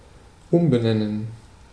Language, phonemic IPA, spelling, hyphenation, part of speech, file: German, /ˈʊmbəˌnɛnən/, umbenennen, um‧be‧nen‧nen, verb, De-umbenennen.ogg
- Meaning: to rename